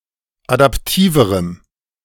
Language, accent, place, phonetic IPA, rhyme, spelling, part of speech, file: German, Germany, Berlin, [adapˈtiːvəʁəm], -iːvəʁəm, adaptiverem, adjective, De-adaptiverem.ogg
- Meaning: strong dative masculine/neuter singular comparative degree of adaptiv